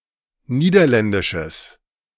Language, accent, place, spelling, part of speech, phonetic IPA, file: German, Germany, Berlin, niederländisches, adjective, [ˈniːdɐˌlɛndɪʃəs], De-niederländisches.ogg
- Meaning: strong/mixed nominative/accusative neuter singular of niederländisch